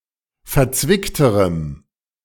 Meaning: strong dative masculine/neuter singular comparative degree of verzwickt
- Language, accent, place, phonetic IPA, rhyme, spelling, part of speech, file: German, Germany, Berlin, [fɛɐ̯ˈt͡svɪktəʁəm], -ɪktəʁəm, verzwickterem, adjective, De-verzwickterem.ogg